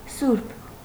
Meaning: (adjective) 1. holy, sacred 2. righteous, pious, godly, upright; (noun) saint
- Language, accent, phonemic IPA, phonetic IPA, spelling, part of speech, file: Armenian, Eastern Armenian, /suɾpʰ/, [suɾpʰ], սուրբ, adjective / noun, Hy-սուրբ.ogg